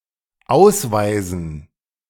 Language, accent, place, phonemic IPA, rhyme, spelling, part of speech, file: German, Germany, Berlin, /ˈaʊ̯sˌvaɪ̯zn̩/, -aɪ̯zn̩, ausweisen, verb, De-ausweisen.ogg
- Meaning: 1. to expel, to banish (from a country) 2. to designate, to demarcate (an area as/for something) 3. to identify someone as something 4. show, display 5. to prove one's identity